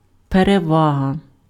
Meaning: 1. advantage (favourable situation) 2. preference (state of being preferred) 3. superiority, preeminence, ascendancy 4. preponderance, predominance (quantitative advantage)
- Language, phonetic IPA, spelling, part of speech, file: Ukrainian, [pereˈʋaɦɐ], перевага, noun, Uk-перевага.ogg